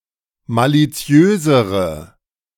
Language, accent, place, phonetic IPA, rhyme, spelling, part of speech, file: German, Germany, Berlin, [ˌmaliˈt͡si̯øːzəʁə], -øːzəʁə, maliziösere, adjective, De-maliziösere.ogg
- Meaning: inflection of maliziös: 1. strong/mixed nominative/accusative feminine singular comparative degree 2. strong nominative/accusative plural comparative degree